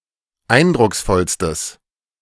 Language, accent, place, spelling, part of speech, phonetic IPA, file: German, Germany, Berlin, eindrucksvollstes, adjective, [ˈaɪ̯ndʁʊksˌfɔlstəs], De-eindrucksvollstes.ogg
- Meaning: strong/mixed nominative/accusative neuter singular superlative degree of eindrucksvoll